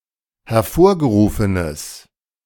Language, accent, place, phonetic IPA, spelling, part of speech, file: German, Germany, Berlin, [hɛɐ̯ˈfoːɐ̯ɡəˌʁuːfənəs], hervorgerufenes, adjective, De-hervorgerufenes.ogg
- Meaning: strong/mixed nominative/accusative neuter singular of hervorgerufen